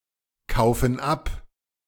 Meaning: inflection of abkaufen: 1. first/third-person plural present 2. first/third-person plural subjunctive I
- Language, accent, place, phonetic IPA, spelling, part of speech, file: German, Germany, Berlin, [ˌkaʊ̯fn̩ ˈap], kaufen ab, verb, De-kaufen ab.ogg